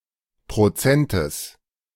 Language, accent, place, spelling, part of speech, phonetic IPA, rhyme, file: German, Germany, Berlin, Prozentes, noun, [pʁoˈt͡sɛntəs], -ɛntəs, De-Prozentes.ogg
- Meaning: genitive singular of Prozent